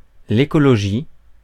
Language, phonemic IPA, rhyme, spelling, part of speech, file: French, /e.kɔ.lɔ.ʒi/, -i, écologie, noun, Fr-écologie.ogg
- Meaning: ecology (branch of biology)